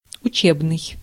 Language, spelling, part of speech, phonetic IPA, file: Russian, учебный, adjective, [ʊˈt͡ɕebnɨj], Ru-учебный.ogg
- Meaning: relating to school or learning, academic, training